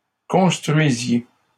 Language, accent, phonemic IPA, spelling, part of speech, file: French, Canada, /kɔ̃s.tʁɥi.zje/, construisiez, verb, LL-Q150 (fra)-construisiez.wav
- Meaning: inflection of construire: 1. second-person plural imperfect indicative 2. second-person plural present subjunctive